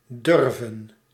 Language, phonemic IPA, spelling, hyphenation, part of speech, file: Dutch, /ˈdʏrvə(n)/, durven, dur‧ven, verb, Nl-durven.ogg
- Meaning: 1. to dare (do), to not be afraid (to do) 2. to dare (to), to not be afraid to